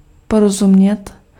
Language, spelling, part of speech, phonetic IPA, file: Czech, porozumět, verb, [ˈporozumɲɛt], Cs-porozumět.ogg
- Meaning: to understand